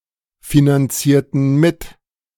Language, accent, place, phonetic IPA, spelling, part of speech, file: German, Germany, Berlin, [finanˌt͡siːɐ̯tn̩ ˈmɪt], finanzierten mit, verb, De-finanzierten mit.ogg
- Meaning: inflection of mitfinanzieren: 1. first/third-person plural preterite 2. first/third-person plural subjunctive II